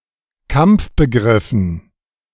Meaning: dative plural of Kampfbegriff
- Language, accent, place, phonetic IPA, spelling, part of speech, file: German, Germany, Berlin, [ˈkamp͡fbəˌɡʁɪfn̩], Kampfbegriffen, noun, De-Kampfbegriffen.ogg